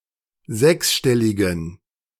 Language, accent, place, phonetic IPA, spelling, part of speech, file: German, Germany, Berlin, [ˈzɛksˌʃtɛlɪɡn̩], sechsstelligen, adjective, De-sechsstelligen.ogg
- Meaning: inflection of sechsstellig: 1. strong genitive masculine/neuter singular 2. weak/mixed genitive/dative all-gender singular 3. strong/weak/mixed accusative masculine singular 4. strong dative plural